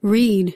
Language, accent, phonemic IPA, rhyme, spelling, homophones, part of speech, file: English, US, /ɹid/, -iːd, read, reed / rede, verb / noun, En-us-read.ogg
- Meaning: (verb) To look at and interpret letters or other information that is written